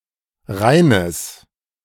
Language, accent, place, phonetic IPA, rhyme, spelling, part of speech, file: German, Germany, Berlin, [ˈʁaɪ̯nəs], -aɪ̯nəs, reines, adjective, De-reines.ogg
- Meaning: strong/mixed nominative/accusative neuter singular of rein